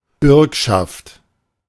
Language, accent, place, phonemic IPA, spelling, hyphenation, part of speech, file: German, Germany, Berlin, /ˈbʏʁkʃaft/, Bürgschaft, Bürg‧schaft, noun / proper noun, De-Bürgschaft.ogg
- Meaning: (noun) 1. suretyship 2. guarantee; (proper noun) The Pledge, a 1799 poem by Schiller (one of the most famous German poems)